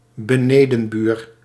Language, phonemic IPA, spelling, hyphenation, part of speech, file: Dutch, /bəˈneː.də(n)ˌbyːr/, benedenbuur, be‧ne‧den‧buur, noun, Nl-benedenbuur.ogg
- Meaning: downstairs neighbour